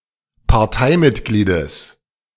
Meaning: genitive singular of Parteimitglied
- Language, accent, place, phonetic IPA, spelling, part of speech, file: German, Germany, Berlin, [paʁˈtaɪ̯mɪtˌɡliːdəs], Parteimitgliedes, noun, De-Parteimitgliedes.ogg